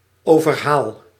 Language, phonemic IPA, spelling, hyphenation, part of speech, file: Dutch, /ˈoː.vərˌɦaːl/, overhaal, over‧haal, noun / verb, Nl-overhaal.ogg
- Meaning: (noun) overland boat ramp; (verb) first-person singular dependent-clause present indicative of overhalen